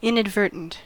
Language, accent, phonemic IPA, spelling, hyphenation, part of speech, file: English, US, /ˌɪnədˈvɝtn̩t/, inadvertent, in‧ad‧ver‧tent, adjective, En-us-inadvertent.ogg
- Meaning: 1. Not intentional; not on purpose; not conscious 2. Inattentive